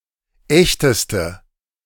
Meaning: inflection of echt: 1. strong/mixed nominative/accusative feminine singular superlative degree 2. strong nominative/accusative plural superlative degree
- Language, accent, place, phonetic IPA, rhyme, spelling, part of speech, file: German, Germany, Berlin, [ˈɛçtəstə], -ɛçtəstə, echteste, adjective, De-echteste.ogg